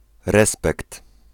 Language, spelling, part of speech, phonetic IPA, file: Polish, respekt, noun, [ˈrɛspɛkt], Pl-respekt.ogg